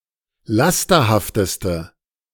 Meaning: inflection of lasterhaft: 1. strong/mixed nominative/accusative feminine singular superlative degree 2. strong nominative/accusative plural superlative degree
- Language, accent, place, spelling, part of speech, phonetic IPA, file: German, Germany, Berlin, lasterhafteste, adjective, [ˈlastɐhaftəstə], De-lasterhafteste.ogg